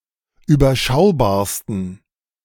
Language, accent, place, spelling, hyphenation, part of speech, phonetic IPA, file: German, Germany, Berlin, überschaubarsten, ü‧ber‧schau‧bar‧sten, adjective, [yːbɐˈʃaʊ̯baːɐ̯stən], De-überschaubarsten.ogg
- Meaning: 1. superlative degree of überschaubar 2. inflection of überschaubar: strong genitive masculine/neuter singular superlative degree